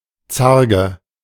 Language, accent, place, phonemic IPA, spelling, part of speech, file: German, Germany, Berlin, /ˈtsarɡə/, Zarge, noun, De-Zarge.ogg
- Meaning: 1. frame of a door or (less often) a window 2. frame, lining in various other technical senses 3. frame, lining in various other technical senses: bezel (of a gemstone)